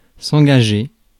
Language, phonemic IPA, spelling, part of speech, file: French, /ɑ̃.ɡa.ʒe/, engager, verb, Fr-engager.ogg
- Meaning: 1. to pledge, commit 2. to hire, sign, snap up 3. to involve 4. to encourage 5. to pawn 6. to enlist 7. to enter into (e.g., a conversation)